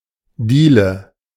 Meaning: 1. plank (most often on a floor) 2. hallway, hall, foyer (room)
- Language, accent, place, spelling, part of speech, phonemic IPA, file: German, Germany, Berlin, Diele, noun, /ˈdiːlə/, De-Diele.ogg